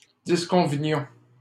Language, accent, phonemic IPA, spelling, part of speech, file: French, Canada, /dis.kɔ̃.və.njɔ̃/, disconvenions, verb, LL-Q150 (fra)-disconvenions.wav
- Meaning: inflection of disconvenir: 1. first-person plural imperfect indicative 2. first-person plural present subjunctive